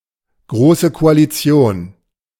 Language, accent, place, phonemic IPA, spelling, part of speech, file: German, Germany, Berlin, /ˈɡʁoːsə koaliˈt͡si̯oːn/, Große Koalition, noun, De-Große Koalition.ogg
- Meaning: grand coalition, a coalition of the (usually two) strongest parties, as determined by their mandates